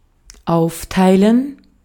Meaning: 1. to divide, to divide up 2. to carve up
- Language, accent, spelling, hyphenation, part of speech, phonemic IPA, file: German, Austria, aufteilen, auf‧tei‧len, verb, /ˈaʊ̯fˌtaɪ̯lən/, De-at-aufteilen.ogg